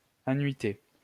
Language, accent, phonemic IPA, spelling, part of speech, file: French, France, /a.nɥi.te/, anuiter, verb, LL-Q150 (fra)-anuiter.wav
- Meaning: to benight